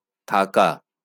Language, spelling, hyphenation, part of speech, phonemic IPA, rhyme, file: Bengali, থাকা, থা‧কা, verb, /t̪ʰa.ka/, -aka, LL-Q9610 (ben)-থাকা.wav
- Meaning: 1. to live, to reside 2. to stay; to remain